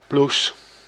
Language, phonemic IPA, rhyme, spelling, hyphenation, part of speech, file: Dutch, /blus/, -us, blouse, blou‧se, noun, Nl-blouse.ogg
- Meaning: alternative spelling of bloes